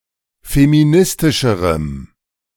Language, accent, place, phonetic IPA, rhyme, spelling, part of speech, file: German, Germany, Berlin, [femiˈnɪstɪʃəʁəm], -ɪstɪʃəʁəm, feministischerem, adjective, De-feministischerem.ogg
- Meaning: strong dative masculine/neuter singular comparative degree of feministisch